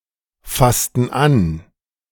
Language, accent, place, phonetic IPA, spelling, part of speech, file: German, Germany, Berlin, [ˌfastn̩ ˈan], fassten an, verb, De-fassten an.ogg
- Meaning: inflection of anfassen: 1. first/third-person plural preterite 2. first/third-person plural subjunctive II